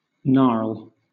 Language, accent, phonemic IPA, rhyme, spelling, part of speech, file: English, Southern England, /nɑː(ɹ)l/, -ɑː(ɹ)l, gnarl, noun / verb / adjective, LL-Q1860 (eng)-gnarl.wav
- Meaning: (noun) 1. A knot in wood; a knurl or a protuberance with twisted grain, on a tree 2. Something resembling a knot in wood, such as in stone or limbs; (verb) To knot or twist something